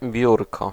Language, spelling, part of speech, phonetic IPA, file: Polish, biurko, noun, [ˈbʲjurkɔ], Pl-biurko.ogg